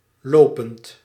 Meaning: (verb) present participle of lopen; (adjective) 1. current, ongoing 2. running, on the move 3. going around, being spread
- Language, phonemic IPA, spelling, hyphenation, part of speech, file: Dutch, /ˈloː.pənt/, lopend, lo‧pend, verb / adjective, Nl-lopend.ogg